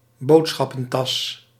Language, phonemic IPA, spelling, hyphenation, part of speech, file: Dutch, /ˈboːt.sxɑ.pə(n)ˌtɑs/, boodschappentas, bood‧schap‧pen‧tas, noun, Nl-boodschappentas.ogg
- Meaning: shopping bag